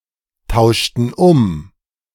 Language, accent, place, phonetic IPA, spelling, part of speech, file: German, Germany, Berlin, [ˌtaʊ̯ʃtn̩ ˈʊm], tauschten um, verb, De-tauschten um.ogg
- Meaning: inflection of umtauschen: 1. first/third-person plural preterite 2. first/third-person plural subjunctive II